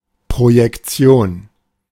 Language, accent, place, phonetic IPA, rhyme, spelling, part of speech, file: German, Germany, Berlin, [pʁojɛkˈt͡si̯oːn], -oːn, Projektion, noun, De-Projektion.ogg
- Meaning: projection